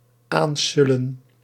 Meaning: 1. to approach in a lackluster, dopey or goofy fashion 2. to slide or glide near
- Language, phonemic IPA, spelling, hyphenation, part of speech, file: Dutch, /ˈaːnˌsʏ.lə(n)/, aansullen, aan‧sul‧len, verb, Nl-aansullen.ogg